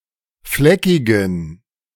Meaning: inflection of fleckig: 1. strong genitive masculine/neuter singular 2. weak/mixed genitive/dative all-gender singular 3. strong/weak/mixed accusative masculine singular 4. strong dative plural
- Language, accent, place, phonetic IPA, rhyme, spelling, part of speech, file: German, Germany, Berlin, [ˈflɛkɪɡn̩], -ɛkɪɡn̩, fleckigen, adjective, De-fleckigen.ogg